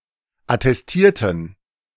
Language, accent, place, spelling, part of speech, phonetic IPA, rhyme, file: German, Germany, Berlin, attestierten, adjective / verb, [atɛsˈtiːɐ̯tn̩], -iːɐ̯tn̩, De-attestierten.ogg
- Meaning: inflection of attestieren: 1. first/third-person plural preterite 2. first/third-person plural subjunctive II